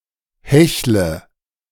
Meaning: inflection of hecheln: 1. first-person singular present 2. first/third-person singular subjunctive I 3. singular imperative
- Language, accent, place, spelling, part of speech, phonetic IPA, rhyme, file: German, Germany, Berlin, hechle, verb, [ˈhɛçlə], -ɛçlə, De-hechle.ogg